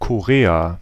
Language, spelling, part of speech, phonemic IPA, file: German, Korea, proper noun, /koˈʁeːaː/, De-Korea.ogg
- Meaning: Korea (a geographic region in East Asia, consisting of two countries, commonly known as South Korea and North Korea; formerly a single country)